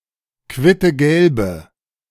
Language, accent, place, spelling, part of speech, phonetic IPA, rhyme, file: German, Germany, Berlin, quittegelbe, adjective, [ˌkvɪtəˈɡɛlbə], -ɛlbə, De-quittegelbe.ogg
- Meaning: inflection of quittegelb: 1. strong/mixed nominative/accusative feminine singular 2. strong nominative/accusative plural 3. weak nominative all-gender singular